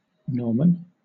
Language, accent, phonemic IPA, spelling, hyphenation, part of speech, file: English, Southern England, /ˈnɔːmən/, norman, nor‧man, noun, LL-Q1860 (eng)-norman.wav
- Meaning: 1. A wooden bar, or iron pin 2. Synonym of normie (“a normal person”)